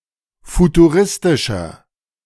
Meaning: 1. comparative degree of futuristisch 2. inflection of futuristisch: strong/mixed nominative masculine singular 3. inflection of futuristisch: strong genitive/dative feminine singular
- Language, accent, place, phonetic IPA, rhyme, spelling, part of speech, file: German, Germany, Berlin, [futuˈʁɪstɪʃɐ], -ɪstɪʃɐ, futuristischer, adjective, De-futuristischer.ogg